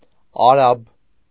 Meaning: Arab
- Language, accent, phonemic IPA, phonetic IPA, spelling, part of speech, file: Armenian, Eastern Armenian, /ɑˈɾɑb/, [ɑɾɑ́b], արաբ, noun, Hy-արաբ.ogg